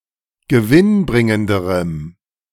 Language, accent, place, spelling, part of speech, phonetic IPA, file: German, Germany, Berlin, gewinnbringenderem, adjective, [ɡəˈvɪnˌbʁɪŋəndəʁəm], De-gewinnbringenderem.ogg
- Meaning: strong dative masculine/neuter singular comparative degree of gewinnbringend